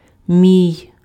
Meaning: my, mine
- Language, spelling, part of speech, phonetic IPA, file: Ukrainian, мій, pronoun, [mʲii̯], Uk-мій.ogg